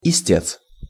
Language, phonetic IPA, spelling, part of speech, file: Russian, [ɪˈsʲtʲet͡s], истец, noun, Ru-истец.ogg
- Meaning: plaintiff